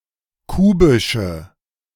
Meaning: inflection of kubisch: 1. strong/mixed nominative/accusative feminine singular 2. strong nominative/accusative plural 3. weak nominative all-gender singular 4. weak accusative feminine/neuter singular
- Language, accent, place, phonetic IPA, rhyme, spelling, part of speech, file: German, Germany, Berlin, [ˈkuːbɪʃə], -uːbɪʃə, kubische, adjective, De-kubische.ogg